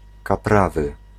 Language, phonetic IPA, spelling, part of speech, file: Polish, [kaˈpravɨ], kaprawy, adjective, Pl-kaprawy.ogg